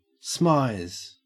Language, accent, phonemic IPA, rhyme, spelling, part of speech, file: English, Australia, /smaɪz/, -aɪz, smize, verb, En-au-smize.ogg
- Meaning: To smile with one's eyes